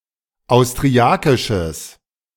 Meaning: strong/mixed nominative/accusative neuter singular of austriakisch
- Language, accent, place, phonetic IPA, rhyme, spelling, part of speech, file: German, Germany, Berlin, [aʊ̯stʁiˈakɪʃəs], -akɪʃəs, austriakisches, adjective, De-austriakisches.ogg